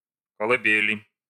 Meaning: inflection of колыбе́ль (kolybélʹ): 1. genitive/dative/prepositional singular 2. nominative/accusative plural
- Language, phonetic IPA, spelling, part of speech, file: Russian, [kəɫɨˈbʲelʲɪ], колыбели, noun, Ru-колыбели.ogg